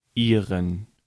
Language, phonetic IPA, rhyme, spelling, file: German, [ˈiːʁən], -iːʁən, ihren, De-ihren.ogg
- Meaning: inflection of ihr: 1. accusative masculine singular 2. dative plural: her, its, their (referring to a masculine object in the accusative case, or a plural object in the dative case)